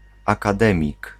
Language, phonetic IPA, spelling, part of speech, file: Polish, [ˌakaˈdɛ̃mʲik], akademik, noun, Pl-akademik.ogg